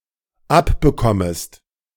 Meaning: second-person singular dependent subjunctive I of abbekommen
- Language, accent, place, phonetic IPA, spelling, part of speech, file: German, Germany, Berlin, [ˈapbəˌkɔməst], abbekommest, verb, De-abbekommest.ogg